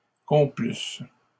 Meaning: third-person plural imperfect conditional of complaire
- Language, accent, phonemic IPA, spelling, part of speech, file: French, Canada, /kɔ̃.plys/, complussent, verb, LL-Q150 (fra)-complussent.wav